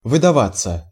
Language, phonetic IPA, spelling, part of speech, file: Russian, [vɨdɐˈvat͡sːə], выдаваться, verb, Ru-выдаваться.ogg
- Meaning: 1. to protrude 2. to stand out 3. passive of выдава́ть (vydavátʹ)